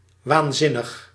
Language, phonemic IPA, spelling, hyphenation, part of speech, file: Dutch, /ˌʋaːnˈzɪ.nəx/, waanzinnig, waan‧zin‧nig, adjective / adverb, Nl-waanzinnig.ogg
- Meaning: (adjective) 1. out of his/her mind, insane, mad 2. crazy, fantastic outrageous; extreme; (adverb) 1. in an insane way 2. incredibly, extremely (well or good)